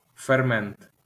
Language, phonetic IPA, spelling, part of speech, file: Ukrainian, [ferˈmɛnt], фермент, noun, LL-Q8798 (ukr)-фермент.wav
- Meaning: enzyme